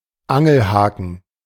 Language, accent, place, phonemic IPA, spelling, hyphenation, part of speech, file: German, Germany, Berlin, /ˈaŋl̩ˌhaːkən/, Angelhaken, An‧gel‧ha‧ken, noun, De-Angelhaken.ogg
- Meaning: fishhook